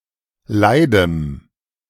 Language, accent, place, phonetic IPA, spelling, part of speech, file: German, Germany, Berlin, [ˈlaɪ̯dəm], leidem, adjective, De-leidem.ogg
- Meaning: strong dative masculine/neuter singular of leid